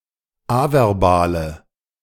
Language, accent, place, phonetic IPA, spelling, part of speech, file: German, Germany, Berlin, [ˈavɛʁˌbaːlə], averbale, adjective, De-averbale.ogg
- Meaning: inflection of averbal: 1. strong/mixed nominative/accusative feminine singular 2. strong nominative/accusative plural 3. weak nominative all-gender singular 4. weak accusative feminine/neuter singular